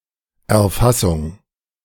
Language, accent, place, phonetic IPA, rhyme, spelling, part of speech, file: German, Germany, Berlin, [ɛɐ̯ˈfasʊŋ], -asʊŋ, Erfassung, noun, De-Erfassung.ogg
- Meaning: 1. capture 2. collection 3. acquisition (of data) 4. gathering